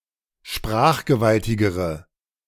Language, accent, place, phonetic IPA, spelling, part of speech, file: German, Germany, Berlin, [ˈʃpʁaːxɡəˌvaltɪɡəʁə], sprachgewaltigere, adjective, De-sprachgewaltigere.ogg
- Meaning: inflection of sprachgewaltig: 1. strong/mixed nominative/accusative feminine singular comparative degree 2. strong nominative/accusative plural comparative degree